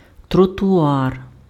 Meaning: pavement, (US) sidewalk
- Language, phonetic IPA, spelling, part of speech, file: Ukrainian, [trɔtʊˈar], тротуар, noun, Uk-тротуар.ogg